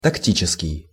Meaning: tactical
- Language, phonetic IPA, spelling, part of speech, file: Russian, [tɐkˈtʲit͡ɕɪskʲɪj], тактический, adjective, Ru-тактический.ogg